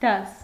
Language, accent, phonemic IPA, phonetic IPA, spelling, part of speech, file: Armenian, Eastern Armenian, /dɑs/, [dɑs], դաս, noun, Hy-դաս.ogg
- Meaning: 1. class; category; order 2. estate, social class 3. class 4. lesson 5. homework; task; lesson 6. choir